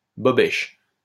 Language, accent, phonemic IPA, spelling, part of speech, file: French, France, /bɔ.bɛʃ/, bobèche, noun, LL-Q150 (fra)-bobèche.wav
- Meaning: 1. bobèche (cup or ring at the top of a candlestick) 2. clown